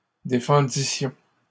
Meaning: first-person plural imperfect subjunctive of défendre
- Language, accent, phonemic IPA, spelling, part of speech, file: French, Canada, /de.fɑ̃.di.sjɔ̃/, défendissions, verb, LL-Q150 (fra)-défendissions.wav